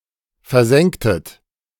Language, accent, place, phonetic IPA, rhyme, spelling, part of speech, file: German, Germany, Berlin, [fɛɐ̯ˈzɛŋktət], -ɛŋktət, versenktet, verb, De-versenktet.ogg
- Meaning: inflection of versenken: 1. second-person plural preterite 2. second-person plural subjunctive II